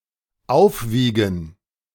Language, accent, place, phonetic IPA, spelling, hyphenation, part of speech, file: German, Germany, Berlin, [ˈaʊ̯fˌviːɡn̩], aufwiegen, auf‧wie‧gen, verb, De-aufwiegen.ogg
- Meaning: to outweigh, to offset